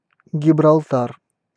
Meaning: Gibraltar (a peninsula, city, and overseas territory of the United Kingdom, at the southern end of Iberia)
- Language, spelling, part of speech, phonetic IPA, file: Russian, Гибралтар, proper noun, [ɡʲɪbrɐɫˈtar], Ru-Гибралтар.ogg